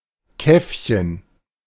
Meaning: diminutive of Kaffee
- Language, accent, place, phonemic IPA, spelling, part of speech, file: German, Germany, Berlin, /ˈkɛfçən/, Käffchen, noun, De-Käffchen.ogg